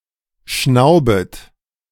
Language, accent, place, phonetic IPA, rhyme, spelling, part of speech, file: German, Germany, Berlin, [ˈʃnaʊ̯bət], -aʊ̯bət, schnaubet, verb, De-schnaubet.ogg
- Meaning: second-person plural subjunctive I of schnauben